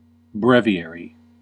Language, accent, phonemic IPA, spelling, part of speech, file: English, US, /ˈbɹɛv.i.ɛɹ.i/, breviary, noun, En-us-breviary.ogg
- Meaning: 1. A book containing prayers, hymns, and so on for everyday use at the canonical hours 2. A brief statement or summary